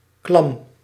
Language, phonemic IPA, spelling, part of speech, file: Dutch, /klɑm/, klam, adjective, Nl-klam.ogg
- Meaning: clammy, damp, dank, moist and cool